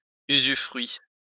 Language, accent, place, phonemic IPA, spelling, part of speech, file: French, France, Lyon, /y.zy.fʁɥi/, usufruit, noun, LL-Q150 (fra)-usufruit.wav
- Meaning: usufruct